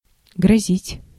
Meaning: 1. to threaten 2. to make threatening gestures 3. to threaten, to be about to happen (of something bad) 4. to be in danger of, to face
- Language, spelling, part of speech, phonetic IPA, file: Russian, грозить, verb, [ɡrɐˈzʲitʲ], Ru-грозить.ogg